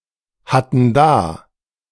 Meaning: first/third-person plural preterite of dahaben
- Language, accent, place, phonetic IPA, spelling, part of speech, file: German, Germany, Berlin, [ˌhatn̩ ˈdaː], hatten da, verb, De-hatten da.ogg